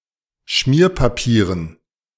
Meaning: dative plural of Schmierpapier
- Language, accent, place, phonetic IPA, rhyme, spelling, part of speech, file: German, Germany, Berlin, [ˈʃmiːɐ̯paˌpiːʁən], -iːɐ̯papiːʁən, Schmierpapieren, noun, De-Schmierpapieren.ogg